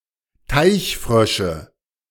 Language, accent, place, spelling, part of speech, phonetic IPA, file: German, Germany, Berlin, Teichfrösche, noun, [ˈtaɪ̯çˌfʁœʃə], De-Teichfrösche.ogg
- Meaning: nominative/accusative/genitive plural of Teichfrosch